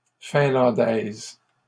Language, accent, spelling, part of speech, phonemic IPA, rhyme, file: French, Canada, finlandaise, adjective, /fɛ̃.lɑ̃.dɛz/, -ɛz, LL-Q150 (fra)-finlandaise.wav
- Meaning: feminine singular of finlandais